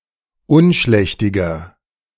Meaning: inflection of unschlächtig: 1. strong/mixed nominative masculine singular 2. strong genitive/dative feminine singular 3. strong genitive plural
- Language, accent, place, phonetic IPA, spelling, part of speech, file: German, Germany, Berlin, [ˈʊnˌʃlɛçtɪɡɐ], unschlächtiger, adjective, De-unschlächtiger.ogg